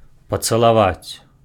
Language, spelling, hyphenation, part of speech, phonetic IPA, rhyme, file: Belarusian, пацалаваць, па‧ца‧ла‧ваць, verb, [pat͡saɫaˈvat͡sʲ], -at͡sʲ, Be-пацалаваць.ogg
- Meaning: to kiss (to touch with the lips to someone, something, expressing a feeling of love, gratitude, grace when meeting, saying goodbye, etc.)